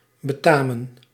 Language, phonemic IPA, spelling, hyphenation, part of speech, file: Dutch, /bəˈtaːmə(n)/, betamen, be‧ta‧men, verb, Nl-betamen.ogg
- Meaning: 1. to behoove, to be appropriate, fitting or necessary, to suit 2. to please, to be welcome (to ...), to befit 3. to belong to, to be due to